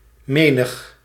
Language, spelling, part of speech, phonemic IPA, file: Dutch, menig, pronoun, /ˈmenəx/, Nl-menig.ogg
- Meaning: many a